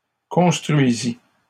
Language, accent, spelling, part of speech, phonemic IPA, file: French, Canada, construisit, verb, /kɔ̃s.tʁɥi.zi/, LL-Q150 (fra)-construisit.wav
- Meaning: third-person singular past historic of construire